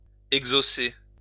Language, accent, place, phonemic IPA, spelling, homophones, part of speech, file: French, France, Lyon, /ɛɡ.zo.se/, exhausser, exhaussé / exaucer / exaucé, verb, LL-Q150 (fra)-exhausser.wav
- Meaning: to raise up, erect (a building)